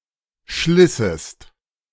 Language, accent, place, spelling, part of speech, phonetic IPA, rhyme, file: German, Germany, Berlin, schlissest, verb, [ˈʃlɪsəst], -ɪsəst, De-schlissest.ogg
- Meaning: second-person singular subjunctive II of schleißen